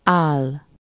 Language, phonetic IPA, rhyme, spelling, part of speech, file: Hungarian, [ˈaːlː], -aːlː, áll, noun / verb, Hu-áll.ogg
- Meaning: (noun) chin; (verb) 1. to stand (to be in an upright position) 2. to stand; to exist 3. to stand 4. to suit, become (to be suitable or apt for one's image, with -nak/-nek)